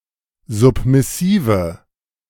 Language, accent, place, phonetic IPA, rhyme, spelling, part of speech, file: German, Germany, Berlin, [ˌzʊpmɪˈsiːvə], -iːvə, submissive, adjective, De-submissive.ogg
- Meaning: inflection of submissiv: 1. strong/mixed nominative/accusative feminine singular 2. strong nominative/accusative plural 3. weak nominative all-gender singular